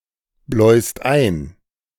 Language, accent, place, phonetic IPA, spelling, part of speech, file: German, Germany, Berlin, [ˌblɔɪ̯st ˈaɪ̯n], bläust ein, verb, De-bläust ein.ogg
- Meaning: second-person singular present of einbläuen